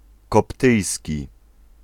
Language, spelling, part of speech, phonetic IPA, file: Polish, koptyjski, adjective / noun, [kɔpˈtɨjsʲci], Pl-koptyjski.ogg